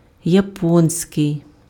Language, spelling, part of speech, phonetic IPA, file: Ukrainian, японський, adjective, [jɐˈpɔnʲsʲkei̯], Uk-японський.ogg
- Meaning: Japanese